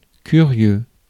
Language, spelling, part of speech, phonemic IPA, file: French, curieux, adjective / noun, /ky.ʁjø/, Fr-curieux.ogg
- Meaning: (adjective) 1. curious, inquisitive, intrigued, wondering; possessing curiosity 2. curious, unusual, interesting, quaint; inducing curiosity; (noun) rubbernecker